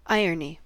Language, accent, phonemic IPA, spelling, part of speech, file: English, US, /ˈaɪ.ɚ.ni/, irony, noun / adjective, En-us-irony.ogg